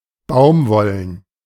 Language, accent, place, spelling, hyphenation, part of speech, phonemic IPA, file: German, Germany, Berlin, baumwollen, baum‧wol‧len, adjective, /ˈbaʊ̯mˌvɔlən/, De-baumwollen.ogg
- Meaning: cotton